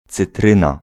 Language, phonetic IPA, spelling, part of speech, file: Polish, [t͡sɨˈtrɨ̃na], cytryna, noun, Pl-cytryna.ogg